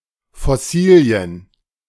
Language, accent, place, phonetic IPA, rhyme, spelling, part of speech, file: German, Germany, Berlin, [fɔˈsiːli̯ən], -iːli̯ən, Fossilien, noun, De-Fossilien.ogg
- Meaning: plural of Fossilie